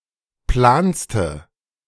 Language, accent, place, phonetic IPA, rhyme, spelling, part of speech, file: German, Germany, Berlin, [ˈplaːnstə], -aːnstə, planste, adjective, De-planste.ogg
- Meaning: inflection of plan: 1. strong/mixed nominative/accusative feminine singular superlative degree 2. strong nominative/accusative plural superlative degree